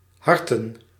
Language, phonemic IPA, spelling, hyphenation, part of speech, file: Dutch, /ˈhɑrtə(n)/, harten, har‧ten, noun, Nl-harten.ogg
- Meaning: 1. plural of hart 2. hearts 3. a playing card of the hearts suit